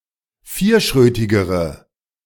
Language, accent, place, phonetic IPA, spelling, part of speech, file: German, Germany, Berlin, [ˈfiːɐ̯ˌʃʁøːtɪɡəʁə], vierschrötigere, adjective, De-vierschrötigere.ogg
- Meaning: inflection of vierschrötig: 1. strong/mixed nominative/accusative feminine singular comparative degree 2. strong nominative/accusative plural comparative degree